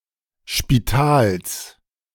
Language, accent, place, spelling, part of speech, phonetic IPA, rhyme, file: German, Germany, Berlin, Spitals, noun, [ʃpiˈtaːls], -aːls, De-Spitals.ogg
- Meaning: genitive singular of Spital